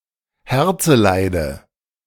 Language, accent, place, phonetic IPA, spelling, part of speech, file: German, Germany, Berlin, [ˈhɛʁt͡səˌlaɪ̯də], Herzeleide, noun, De-Herzeleide.ogg
- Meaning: dative singular of Herzeleid